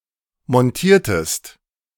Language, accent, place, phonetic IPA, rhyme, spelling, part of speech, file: German, Germany, Berlin, [mɔnˈtiːɐ̯təst], -iːɐ̯təst, montiertest, verb, De-montiertest.ogg
- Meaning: inflection of montieren: 1. second-person singular preterite 2. second-person singular subjunctive II